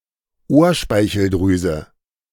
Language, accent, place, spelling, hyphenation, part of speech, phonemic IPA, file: German, Germany, Berlin, Ohrspeicheldrüse, Ohr‧spei‧chel‧drü‧se, noun, /ˈoːɐ̯ˌʃpaɪ̯çl̩dʁyːzə/, De-Ohrspeicheldrüse.ogg
- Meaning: parotid gland